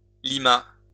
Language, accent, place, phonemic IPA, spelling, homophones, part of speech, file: French, France, Lyon, /li.ma/, lima, Lima / limât / Limat, verb, LL-Q150 (fra)-lima.wav
- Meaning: third-person singular past historic of limer